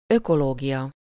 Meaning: ecology
- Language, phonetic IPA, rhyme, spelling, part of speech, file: Hungarian, [ˈøkoloːɡijɒ], -jɒ, ökológia, noun, Hu-ökológia.ogg